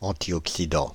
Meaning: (noun) antioxidant
- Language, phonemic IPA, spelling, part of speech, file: French, /ɑ̃.tjɔk.si.dɑ̃/, antioxydant, noun / adjective, Fr-antioxydant.ogg